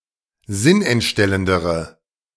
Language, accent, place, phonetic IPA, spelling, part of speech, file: German, Germany, Berlin, [ˈzɪnʔɛntˌʃtɛləndəʁə], sinnentstellendere, adjective, De-sinnentstellendere.ogg
- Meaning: inflection of sinnentstellend: 1. strong/mixed nominative/accusative feminine singular comparative degree 2. strong nominative/accusative plural comparative degree